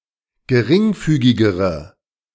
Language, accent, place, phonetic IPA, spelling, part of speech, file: German, Germany, Berlin, [ɡəˈʁɪŋˌfyːɡɪɡəʁə], geringfügigere, adjective, De-geringfügigere.ogg
- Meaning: inflection of geringfügig: 1. strong/mixed nominative/accusative feminine singular comparative degree 2. strong nominative/accusative plural comparative degree